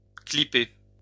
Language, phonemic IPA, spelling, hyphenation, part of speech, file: French, /kli.pœʁ/, clipper, clip‧per, noun, LL-Q150 (fra)-clipper.wav
- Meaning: 1. heavy sailing ship 2. transatlantic airplane